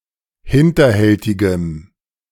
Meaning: strong dative masculine/neuter singular of hinterhältig
- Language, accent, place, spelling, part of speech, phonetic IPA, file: German, Germany, Berlin, hinterhältigem, adjective, [ˈhɪntɐˌhɛltɪɡəm], De-hinterhältigem.ogg